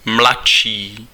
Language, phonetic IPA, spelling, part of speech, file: Czech, [ˈmlatʃiː], mladší, adjective, Cs-mladší.ogg
- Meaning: comparative degree of mladý